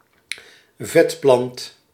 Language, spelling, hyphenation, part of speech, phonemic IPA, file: Dutch, vetplant, vet‧plant, noun, /ˈvɛt.plɑnt/, Nl-vetplant.ogg
- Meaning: succulent plant, succulent